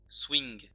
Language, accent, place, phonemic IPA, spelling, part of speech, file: French, France, Lyon, /swiŋ/, swing, noun, LL-Q150 (fra)-swing.wav
- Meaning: swing; several senses